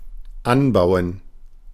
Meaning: 1. to grow, to cultivate 2. to attach, to mount
- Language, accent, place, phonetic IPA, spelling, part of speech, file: German, Germany, Berlin, [ˈanˌbaʊ̯ən], anbauen, verb, De-anbauen.ogg